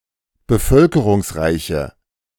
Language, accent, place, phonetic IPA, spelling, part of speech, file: German, Germany, Berlin, [bəˈfœlkəʁʊŋsˌʁaɪ̯çə], bevölkerungsreiche, adjective, De-bevölkerungsreiche.ogg
- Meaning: inflection of bevölkerungsreich: 1. strong/mixed nominative/accusative feminine singular 2. strong nominative/accusative plural 3. weak nominative all-gender singular